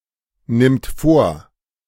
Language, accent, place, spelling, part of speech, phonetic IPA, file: German, Germany, Berlin, nimmt vor, verb, [ˌnɪmt ˈfoːɐ̯], De-nimmt vor.ogg
- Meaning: third-person singular present of vornehmen